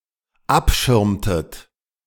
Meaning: inflection of abschirmen: 1. second-person plural dependent preterite 2. second-person plural dependent subjunctive II
- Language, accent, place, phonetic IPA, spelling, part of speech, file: German, Germany, Berlin, [ˈapˌʃɪʁmtət], abschirmtet, verb, De-abschirmtet.ogg